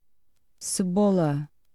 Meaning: onion (a monocotyledonous plant of the genus Allium allied to garlic, used as a vegetable and a spice)
- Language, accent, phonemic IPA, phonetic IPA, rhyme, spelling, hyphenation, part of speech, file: Portuguese, Portugal, /sɨˈbo.lɐ/, [sɨˈβo.lɐ], -olɐ, cebola, ce‧bo‧la, noun, Pt cebola.ogg